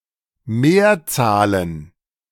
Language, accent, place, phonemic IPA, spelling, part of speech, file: German, Germany, Berlin, /ˈmeːɐ̯ˌt͡saːlən/, Mehrzahlen, noun, De-Mehrzahlen.ogg
- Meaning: plural of Mehrzahl